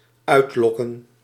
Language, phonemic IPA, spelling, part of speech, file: Dutch, /ˈœytlɔkə(n)/, uitlokken, verb, Nl-uitlokken.ogg
- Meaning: to provoke